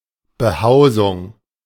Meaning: dwelling, abode
- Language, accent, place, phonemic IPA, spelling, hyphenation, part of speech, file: German, Germany, Berlin, /bəˈhaʊ̯zʊŋ/, Behausung, Be‧hau‧sung, noun, De-Behausung.ogg